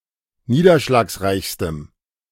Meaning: strong dative masculine/neuter singular superlative degree of niederschlagsreich
- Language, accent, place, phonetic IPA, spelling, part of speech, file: German, Germany, Berlin, [ˈniːdɐʃlaːksˌʁaɪ̯çstəm], niederschlagsreichstem, adjective, De-niederschlagsreichstem.ogg